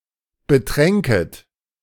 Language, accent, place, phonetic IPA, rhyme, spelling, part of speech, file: German, Germany, Berlin, [bəˈtʁɛŋkət], -ɛŋkət, betränket, verb, De-betränket.ogg
- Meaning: second-person plural subjunctive II of betrinken